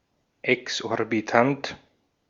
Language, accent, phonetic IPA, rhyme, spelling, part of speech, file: German, Austria, [ɛksʔɔʁbiˈtant], -ant, exorbitant, adjective, De-at-exorbitant.ogg
- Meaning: exorbitant